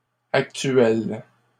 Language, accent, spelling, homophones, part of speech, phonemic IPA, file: French, Canada, actuelles, actuel / actuelle / actuels, adjective, /ak.tɥɛl/, LL-Q150 (fra)-actuelles.wav
- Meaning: feminine plural of actuel